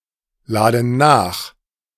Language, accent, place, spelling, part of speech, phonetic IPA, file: German, Germany, Berlin, laden nach, verb, [ˌlaːdn̩ ˈnaːx], De-laden nach.ogg
- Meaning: inflection of nachladen: 1. first/third-person plural present 2. first/third-person plural subjunctive I